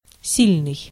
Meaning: 1. strong, powerful 2. irregular
- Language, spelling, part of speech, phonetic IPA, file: Russian, сильный, adjective, [ˈsʲilʲnɨj], Ru-сильный.ogg